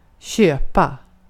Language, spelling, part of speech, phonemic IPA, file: Swedish, köpa, verb, /ˈɕøːˌpa/, Sv-köpa.ogg
- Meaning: 1. to buy, to purchase 2. to buy (an explanation or the like)